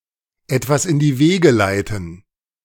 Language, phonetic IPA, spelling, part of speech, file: German, [ɛtvas ɪn diː ˈveːɡə ˌlaɪ̯tn̩], etwas in die Wege leiten, phrase, De-etwas in die Wege leiten.ogg